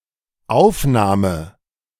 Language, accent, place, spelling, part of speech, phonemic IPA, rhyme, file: German, Germany, Berlin, Aufnahme, noun, /ˈaʊ̯fˌnaːmə/, -aːmə, De-Aufnahme.ogg
- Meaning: 1. reception 2. photo 3. recording 4. admission (to a school), acceptance (as a member of club, or organization)